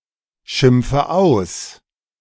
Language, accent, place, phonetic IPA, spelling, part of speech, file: German, Germany, Berlin, [ˌʃɪmp͡fə ˈaʊ̯s], schimpfe aus, verb, De-schimpfe aus.ogg
- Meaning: inflection of ausschimpfen: 1. first-person singular present 2. first/third-person singular subjunctive I 3. singular imperative